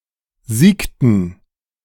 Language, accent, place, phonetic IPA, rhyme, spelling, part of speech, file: German, Germany, Berlin, [ˈziːktn̩], -iːktn̩, siegten, verb, De-siegten.ogg
- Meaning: inflection of siegen: 1. first/third-person plural preterite 2. first/third-person plural subjunctive II